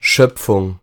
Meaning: creation
- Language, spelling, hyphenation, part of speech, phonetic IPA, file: German, Schöpfung, Schöp‧fung, noun, [ˈʃœpfʊŋ], De-Schöpfung.ogg